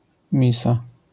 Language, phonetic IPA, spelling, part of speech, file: Polish, [ˈmʲisa], misa, noun, LL-Q809 (pol)-misa.wav